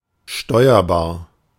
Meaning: steerable
- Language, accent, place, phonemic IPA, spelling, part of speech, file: German, Germany, Berlin, /ˈʃtɔɪ̯ɐbaːɐ̯/, steuerbar, adjective, De-steuerbar.ogg